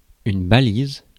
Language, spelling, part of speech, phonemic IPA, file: French, balise, noun / verb, /ba.liz/, Fr-balise.ogg
- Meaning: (noun) 1. beacon (e.g., a signal fire) 2. beacon 3. tag (element of code) 4. buoy, seamark 5. blaze, waymark, mark, marking 6. control point